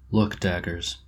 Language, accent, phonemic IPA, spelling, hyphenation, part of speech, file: English, US, /ˌlʊk ˈdæɡɚz/, look daggers, look dag‧gers, verb, En-us-look daggers.oga
- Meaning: Often followed by at: to stare in a disapproving, severe, or threatening manner, especially without speaking